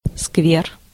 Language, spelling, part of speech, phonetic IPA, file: Russian, сквер, noun, [skvʲer], Ru-сквер.ogg
- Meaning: public garden, square, park